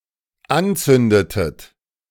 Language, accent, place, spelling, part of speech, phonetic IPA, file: German, Germany, Berlin, anzündetet, verb, [ˈanˌt͡sʏndətət], De-anzündetet.ogg
- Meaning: inflection of anzünden: 1. second-person plural dependent preterite 2. second-person plural dependent subjunctive II